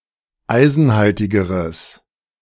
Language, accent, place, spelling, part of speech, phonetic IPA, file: German, Germany, Berlin, eisenhaltigeres, adjective, [ˈaɪ̯zn̩ˌhaltɪɡəʁəs], De-eisenhaltigeres.ogg
- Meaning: strong/mixed nominative/accusative neuter singular comparative degree of eisenhaltig